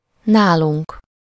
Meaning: first-person plural of nála
- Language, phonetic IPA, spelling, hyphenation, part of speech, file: Hungarian, [ˈnaːluŋk], nálunk, ná‧lunk, pronoun, Hu-nálunk.ogg